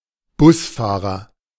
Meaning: bus driver (male or of unspecified gender)
- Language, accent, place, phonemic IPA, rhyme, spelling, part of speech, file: German, Germany, Berlin, /ˈbʊsˌfaːʁɐ/, -aːʁɐ, Busfahrer, noun, De-Busfahrer.ogg